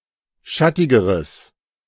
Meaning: strong/mixed nominative/accusative neuter singular comparative degree of schattig
- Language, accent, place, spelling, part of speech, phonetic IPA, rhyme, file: German, Germany, Berlin, schattigeres, adjective, [ˈʃatɪɡəʁəs], -atɪɡəʁəs, De-schattigeres.ogg